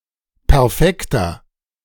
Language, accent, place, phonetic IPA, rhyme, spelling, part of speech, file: German, Germany, Berlin, [pɛʁˈfɛktɐ], -ɛktɐ, perfekter, adjective, De-perfekter.ogg
- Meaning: 1. comparative degree of perfekt 2. inflection of perfekt: strong/mixed nominative masculine singular 3. inflection of perfekt: strong genitive/dative feminine singular